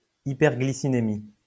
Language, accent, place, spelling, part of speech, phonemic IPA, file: French, France, Lyon, hyperglycinémie, noun, /i.pɛʁ.ɡli.si.ne.mi/, LL-Q150 (fra)-hyperglycinémie.wav
- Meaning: hyperglycinemia